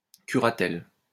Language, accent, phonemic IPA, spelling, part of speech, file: French, France, /ky.ʁa.tɛl/, curatelle, noun, LL-Q150 (fra)-curatelle.wav
- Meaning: guardianship under which the ward is totally and permanently incapable